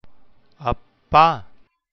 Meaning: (noun) 1. vocative of அப்பன் (appaṉ, “father”) 2. father, dad 3. a term of address for those familiar or those younger than oneself; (interjection) an exclamation of pain
- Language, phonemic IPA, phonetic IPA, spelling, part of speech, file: Tamil, /ɐpːɑː/, [ɐpːäː], அப்பா, noun / interjection, Ta-அப்பா.ogg